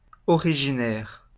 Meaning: originating (from)
- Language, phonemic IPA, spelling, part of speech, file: French, /ɔ.ʁi.ʒi.nɛʁ/, originaire, adjective, LL-Q150 (fra)-originaire.wav